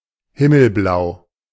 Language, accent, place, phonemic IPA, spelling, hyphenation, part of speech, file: German, Germany, Berlin, /ˈhɪml̩ˌblaʊ̯/, himmelblau, him‧mel‧blau, adjective, De-himmelblau.ogg
- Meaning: sky blue